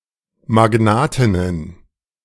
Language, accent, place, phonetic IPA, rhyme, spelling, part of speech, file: German, Germany, Berlin, [maˈɡnaːtɪnən], -aːtɪnən, Magnatinnen, noun, De-Magnatinnen.ogg
- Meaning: plural of Magnatin